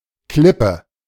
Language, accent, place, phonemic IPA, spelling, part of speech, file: German, Germany, Berlin, /ˈklɪpə/, Klippe, noun, De-Klippe.ogg
- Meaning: 1. rock that is partly covered by (sea) water 2. cliff (steep rock face) 3. steep coast